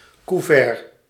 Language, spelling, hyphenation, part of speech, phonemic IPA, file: Dutch, couvert, cou‧vert, noun, /kuˈvɛr(t)/, Nl-couvert.ogg
- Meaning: 1. cutlery, silverware 2. envelope